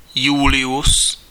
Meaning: a male given name from Latin
- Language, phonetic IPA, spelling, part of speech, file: Czech, [ˈjulɪjus], Julius, proper noun, Cs-Julius.ogg